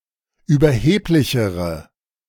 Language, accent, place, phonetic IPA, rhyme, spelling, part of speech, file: German, Germany, Berlin, [yːbɐˈheːplɪçəʁə], -eːplɪçəʁə, überheblichere, adjective, De-überheblichere.ogg
- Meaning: inflection of überheblich: 1. strong/mixed nominative/accusative feminine singular comparative degree 2. strong nominative/accusative plural comparative degree